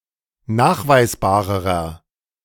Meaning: inflection of nachweisbar: 1. strong/mixed nominative masculine singular comparative degree 2. strong genitive/dative feminine singular comparative degree 3. strong genitive plural comparative degree
- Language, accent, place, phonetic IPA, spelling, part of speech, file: German, Germany, Berlin, [ˈnaːxvaɪ̯sˌbaːʁəʁɐ], nachweisbarerer, adjective, De-nachweisbarerer.ogg